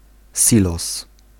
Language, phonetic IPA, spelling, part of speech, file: Polish, [ˈsʲilɔs], silos, noun, Pl-silos.ogg